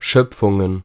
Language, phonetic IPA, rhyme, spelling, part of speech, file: German, [ˈʃœp͡fʊŋən], -œp͡fʊŋən, Schöpfungen, noun, De-Schöpfungen.ogg
- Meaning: plural of Schöpfung